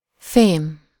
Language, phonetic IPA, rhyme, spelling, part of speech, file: Hungarian, [ˈfeːm], -eːm, fém, noun, Hu-fém.ogg